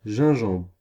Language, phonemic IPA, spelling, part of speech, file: French, /ʒɛ̃.ʒɑ̃bʁ/, gingembre, noun, Fr-gingembre.ogg
- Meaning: ginger (spice)